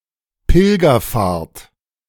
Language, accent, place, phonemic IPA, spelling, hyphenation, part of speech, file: German, Germany, Berlin, /ˈpɪlɡɐˌfaːɐ̯t/, Pilgerfahrt, Pil‧ger‧fahrt, noun, De-Pilgerfahrt.ogg
- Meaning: pilgrimage